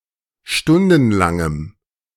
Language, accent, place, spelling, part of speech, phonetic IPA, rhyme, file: German, Germany, Berlin, stundenlangem, adjective, [ˈʃtʊndn̩laŋəm], -ʊndn̩laŋəm, De-stundenlangem.ogg
- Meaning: strong dative masculine/neuter singular of stundenlang